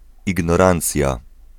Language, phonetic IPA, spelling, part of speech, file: Polish, [ˌiɡnɔˈrãnt͡sʲja], ignorancja, noun, Pl-ignorancja.ogg